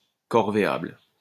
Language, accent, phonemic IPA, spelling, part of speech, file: French, France, /kɔʁ.ve.abl/, corvéable, adjective, LL-Q150 (fra)-corvéable.wav
- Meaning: 1. liable to corvée labour 2. exploitable